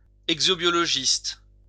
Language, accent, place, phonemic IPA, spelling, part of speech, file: French, France, Lyon, /ɛɡ.zo.bjɔ.lɔ.ʒist/, exobiologiste, noun, LL-Q150 (fra)-exobiologiste.wav
- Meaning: exobiologist